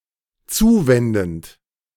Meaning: present participle of zuwenden
- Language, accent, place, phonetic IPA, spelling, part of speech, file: German, Germany, Berlin, [ˈt͡suːˌvɛndn̩t], zuwendend, verb, De-zuwendend.ogg